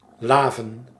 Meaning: to quench one's thirst
- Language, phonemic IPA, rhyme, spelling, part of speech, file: Dutch, /ˈlaː.vən/, -aːvən, laven, verb, Nl-laven.ogg